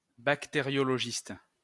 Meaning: bacteriologist
- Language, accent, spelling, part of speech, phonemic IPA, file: French, France, bactériologiste, noun, /bak.te.ʁjɔ.lɔ.ʒist/, LL-Q150 (fra)-bactériologiste.wav